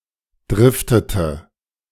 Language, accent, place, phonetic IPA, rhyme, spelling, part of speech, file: German, Germany, Berlin, [ˈdʁɪftətə], -ɪftətə, driftete, verb, De-driftete.ogg
- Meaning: inflection of driften: 1. first/third-person singular preterite 2. first/third-person singular subjunctive II